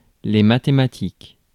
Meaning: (noun) mathematics; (adjective) plural of mathématique
- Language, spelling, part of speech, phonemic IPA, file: French, mathématiques, noun / adjective, /ma.te.ma.tik/, Fr-mathématiques.ogg